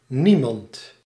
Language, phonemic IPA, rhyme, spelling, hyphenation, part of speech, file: Dutch, /ˈni.mɑnt/, -imɑnt, niemand, nie‧mand, pronoun, Nl-niemand.ogg
- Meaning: nobody, no one